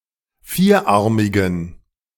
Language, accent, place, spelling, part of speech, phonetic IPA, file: German, Germany, Berlin, vierarmigem, adjective, [ˈfiːɐ̯ˌʔaʁmɪɡəm], De-vierarmigem.ogg
- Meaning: strong dative masculine/neuter singular of vierarmig